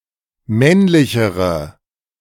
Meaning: inflection of männlich: 1. strong/mixed nominative/accusative feminine singular comparative degree 2. strong nominative/accusative plural comparative degree
- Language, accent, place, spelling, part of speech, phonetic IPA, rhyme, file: German, Germany, Berlin, männlichere, adjective, [ˈmɛnlɪçəʁə], -ɛnlɪçəʁə, De-männlichere.ogg